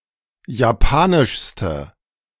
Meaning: inflection of japanisch: 1. strong/mixed nominative/accusative feminine singular superlative degree 2. strong nominative/accusative plural superlative degree
- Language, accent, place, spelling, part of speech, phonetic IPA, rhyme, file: German, Germany, Berlin, japanischste, adjective, [jaˈpaːnɪʃstə], -aːnɪʃstə, De-japanischste.ogg